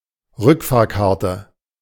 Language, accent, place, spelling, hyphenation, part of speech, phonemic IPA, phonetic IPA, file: German, Germany, Berlin, Rückfahrkarte, Rück‧fahr‧kar‧te, noun, /ˈʁʏkfaːʁkaʁtə/, [ˈʁʏkʰfaːɐ̯kʰaɐ̯tʰə], De-Rückfahrkarte.ogg
- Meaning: return ticket